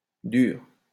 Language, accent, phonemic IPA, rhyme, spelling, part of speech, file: French, France, /dyʁ/, -yʁ, dure, verb / adjective, LL-Q150 (fra)-dure.wav
- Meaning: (verb) inflection of durer: 1. first/third-person singular present indicative/subjunctive 2. second-person singular imperative; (adjective) feminine singular of dur